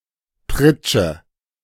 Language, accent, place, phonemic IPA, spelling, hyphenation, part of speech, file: German, Germany, Berlin, /ˈpʁɪt͡ʃə/, Pritsche, Prit‧sche, noun, De-Pritsche.ogg
- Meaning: 1. plank bed, cot 2. loading platform of a pickup truck 3. a baton similar to a cricket bat used by harlequins